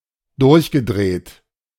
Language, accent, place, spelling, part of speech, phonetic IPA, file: German, Germany, Berlin, durchgedreht, verb, [ˈdʊʁçɡəˌdʁeːt], De-durchgedreht.ogg
- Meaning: past participle of durchdrehen